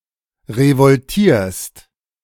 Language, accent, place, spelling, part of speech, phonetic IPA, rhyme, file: German, Germany, Berlin, revoltierst, verb, [ʁəvɔlˈtiːɐ̯st], -iːɐ̯st, De-revoltierst.ogg
- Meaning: second-person singular present of revoltieren